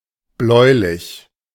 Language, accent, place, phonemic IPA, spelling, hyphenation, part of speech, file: German, Germany, Berlin, /ˈblɔɪ̯lɪç/, bläulich, bläu‧lich, adjective, De-bläulich.ogg
- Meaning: bluish